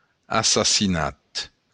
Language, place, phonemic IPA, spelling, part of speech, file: Occitan, Béarn, /asasiˈnat/, assassinat, noun, LL-Q14185 (oci)-assassinat.wav
- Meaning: assassination